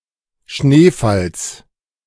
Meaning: genitive singular of Schneefall
- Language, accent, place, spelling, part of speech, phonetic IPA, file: German, Germany, Berlin, Schneefalls, noun, [ˈʃneːˌfals], De-Schneefalls.ogg